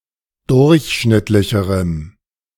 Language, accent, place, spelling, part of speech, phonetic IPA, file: German, Germany, Berlin, durchschnittlicherem, adjective, [ˈdʊʁçˌʃnɪtlɪçəʁəm], De-durchschnittlicherem.ogg
- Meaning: strong dative masculine/neuter singular comparative degree of durchschnittlich